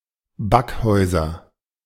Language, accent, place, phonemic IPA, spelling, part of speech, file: German, Germany, Berlin, /ˈbakˌhɔʏ̯zɐ/, Backhäuser, noun, De-Backhäuser.ogg
- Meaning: 1. nominative plural of Backhaus 2. accusative plural of Backhaus 3. genitive plural of Backhaus